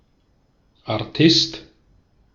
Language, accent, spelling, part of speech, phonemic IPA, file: German, Austria, Artist, noun, /aʁˈtɪst/, De-at-Artist.ogg
- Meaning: one who performs physical tricks in a circus or similar context, e.g. a wirewalker, trapezist, or juggler